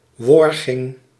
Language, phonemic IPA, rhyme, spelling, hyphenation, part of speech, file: Dutch, /ˈʋɔr.ɣɪŋ/, -ɔrɣɪŋ, worging, wor‧ging, noun, Nl-worging.ogg
- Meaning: alternative form of wurging